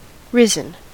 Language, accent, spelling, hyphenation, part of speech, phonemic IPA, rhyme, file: English, US, risen, ri‧sen, verb / adjective, /ˈɹɪ.zən/, -ɪzən, En-us-risen.ogg
- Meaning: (verb) past participle of rise; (adjective) Having risen